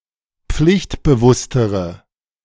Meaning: inflection of pflichtbewusst: 1. strong/mixed nominative/accusative feminine singular comparative degree 2. strong nominative/accusative plural comparative degree
- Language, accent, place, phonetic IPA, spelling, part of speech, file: German, Germany, Berlin, [ˈp͡flɪçtbəˌvʊstəʁə], pflichtbewusstere, adjective, De-pflichtbewusstere.ogg